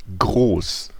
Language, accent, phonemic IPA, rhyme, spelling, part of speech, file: German, Germany, /ɡʁoːs/, -oːs, groß, adjective, De-groß.ogg
- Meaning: 1. big, large, large-scale 2. great, grand 3. tall 4. pertaining to defecation